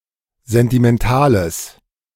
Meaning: strong/mixed nominative/accusative neuter singular of sentimental
- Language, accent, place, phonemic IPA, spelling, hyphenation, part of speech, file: German, Germany, Berlin, /ˌzɛntimɛnˈtaːləs/, sentimentales, sen‧ti‧men‧ta‧les, adjective, De-sentimentales.ogg